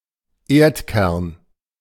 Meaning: Earth's core
- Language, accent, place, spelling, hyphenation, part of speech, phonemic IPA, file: German, Germany, Berlin, Erdkern, Erd‧kern, noun, /ˈeːʁtˌkɛʁn/, De-Erdkern.ogg